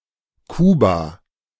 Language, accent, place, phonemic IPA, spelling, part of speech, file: German, Germany, Berlin, /ˈkuːba/, Kuba, proper noun, De-Kuba.ogg
- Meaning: Cuba (a country, the largest island (based on land area) in the Caribbean)